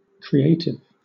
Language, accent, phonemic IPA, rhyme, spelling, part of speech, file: English, Southern England, /kɹiˈeɪtɪv/, -eɪtɪv, creative, adjective / noun, LL-Q1860 (eng)-creative.wav
- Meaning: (adjective) 1. Tending to create things, or having the ability to create; often, excellently, in a novel fashion, or any or all of these 2. Original, expressive and imaginative